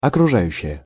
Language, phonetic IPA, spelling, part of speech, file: Russian, [ɐkrʊˈʐajʉɕːɪje], окружающее, noun, Ru-окружающее.ogg
- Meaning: milieu, social surroundings